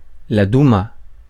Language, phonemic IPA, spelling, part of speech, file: French, /du.ma/, douma, noun, Fr-Douma.ogg
- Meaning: duma